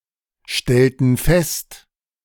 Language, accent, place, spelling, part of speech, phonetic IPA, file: German, Germany, Berlin, stellten fest, verb, [ˌʃtɛltn̩ ˈfɛst], De-stellten fest.ogg
- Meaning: inflection of feststellen: 1. first/third-person plural preterite 2. first/third-person plural subjunctive II